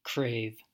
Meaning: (verb) 1. To desire strongly, so as to satisfy an appetite; to long or yearn for 2. To ask for earnestly; to beg or demand, as from a figure of authority
- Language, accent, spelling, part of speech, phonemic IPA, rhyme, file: English, US, crave, verb / noun, /kɹeɪv/, -eɪv, En-us-crave.ogg